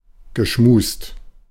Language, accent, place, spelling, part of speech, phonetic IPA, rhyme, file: German, Germany, Berlin, geschmust, verb, [ɡəˈʃmuːst], -uːst, De-geschmust.ogg
- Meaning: past participle of schmusen